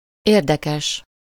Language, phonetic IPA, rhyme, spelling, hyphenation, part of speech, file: Hungarian, [ˈeːrdɛkɛʃ], -ɛʃ, érdekes, ér‧de‧kes, adjective, Hu-érdekes.ogg
- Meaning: interesting